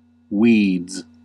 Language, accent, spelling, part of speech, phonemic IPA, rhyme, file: English, US, weeds, noun / verb, /wiːdz/, -iːdz, En-us-weeds.ogg
- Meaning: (noun) plural of weed; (verb) third-person singular simple present indicative of weed; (noun) Clothes